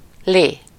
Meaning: 1. liquid 2. juice 3. gravy 4. dough, cabbage, bread, lolly, dosh (money)
- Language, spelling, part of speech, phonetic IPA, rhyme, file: Hungarian, lé, noun, [ˈleː], -leː, Hu-lé.ogg